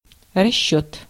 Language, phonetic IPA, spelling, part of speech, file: Russian, [rɐˈɕːɵt], расчёт, noun, Ru-расчёт.ogg
- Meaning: 1. calculation (mathematical operation) 2. estimation, expectation, intention, expectation, assumption, calculation (of a future event)